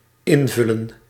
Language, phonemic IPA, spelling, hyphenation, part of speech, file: Dutch, /ˈɪnˌvʏ.lə(n)/, invullen, in‧vul‧len, verb, Nl-invullen.ogg
- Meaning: to fill in